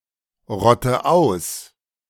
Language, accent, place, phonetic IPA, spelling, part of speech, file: German, Germany, Berlin, [ˌʁɔtə ˈaʊ̯s], rotte aus, verb, De-rotte aus.ogg
- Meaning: inflection of ausrotten: 1. first-person singular present 2. first/third-person singular subjunctive I 3. singular imperative